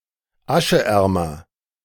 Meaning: comparative degree of aschearm
- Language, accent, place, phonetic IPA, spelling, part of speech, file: German, Germany, Berlin, [ˈaʃəˌʔɛʁmɐ], ascheärmer, adjective, De-ascheärmer.ogg